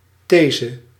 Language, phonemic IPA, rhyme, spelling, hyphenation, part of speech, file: Dutch, /ˈteː.zə/, -eːzə, these, the‧se, noun, Nl-these.ogg
- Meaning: 1. statement, thesis, proposition 2. thesis (lengthy essay)